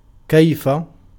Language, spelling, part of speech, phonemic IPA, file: Arabic, كيف, adverb, /kaj.fa/, Ar-كيف.ogg
- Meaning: 1. how 2. however (in whatever way or state)